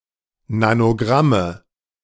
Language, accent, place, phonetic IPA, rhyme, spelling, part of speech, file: German, Germany, Berlin, [nanoˈɡʁamə], -amə, Nanogramme, noun, De-Nanogramme.ogg
- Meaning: nominative/accusative/genitive plural of Nanogramm